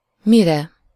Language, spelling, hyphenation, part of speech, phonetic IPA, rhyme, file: Hungarian, mire, mi‧re, pronoun / adverb, [ˈmirɛ], -rɛ, Hu-mire.ogg
- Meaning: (pronoun) 1. sublative singular of mi 2. for what (purpose)?; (adverb) 1. whereupon (after which, in consequence) 2. by the time, when